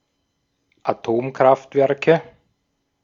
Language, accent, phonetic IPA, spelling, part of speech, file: German, Austria, [aˈtoːmkʁaftˌvɛʁkə], Atomkraftwerke, noun, De-at-Atomkraftwerke.ogg
- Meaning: nominative/accusative/genitive plural of Atomkraftwerk